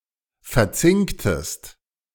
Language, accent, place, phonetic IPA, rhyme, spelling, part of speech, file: German, Germany, Berlin, [fɛɐ̯ˈt͡sɪŋktəst], -ɪŋktəst, verzinktest, verb, De-verzinktest.ogg
- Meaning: inflection of verzinken: 1. second-person singular preterite 2. second-person singular subjunctive II